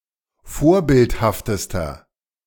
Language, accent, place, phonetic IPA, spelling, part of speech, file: German, Germany, Berlin, [ˈfoːɐ̯ˌbɪlthaftəstɐ], vorbildhaftester, adjective, De-vorbildhaftester.ogg
- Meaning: inflection of vorbildhaft: 1. strong/mixed nominative masculine singular superlative degree 2. strong genitive/dative feminine singular superlative degree 3. strong genitive plural superlative degree